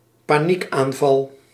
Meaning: a panic attack
- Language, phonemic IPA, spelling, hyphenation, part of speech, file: Dutch, /paːˈnik.aːnˌvɑl/, paniekaanval, pa‧niek‧aan‧val, noun, Nl-paniekaanval.ogg